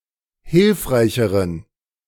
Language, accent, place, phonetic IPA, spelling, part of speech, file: German, Germany, Berlin, [ˈhɪlfʁaɪ̯çəʁən], hilfreicheren, adjective, De-hilfreicheren.ogg
- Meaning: inflection of hilfreich: 1. strong genitive masculine/neuter singular comparative degree 2. weak/mixed genitive/dative all-gender singular comparative degree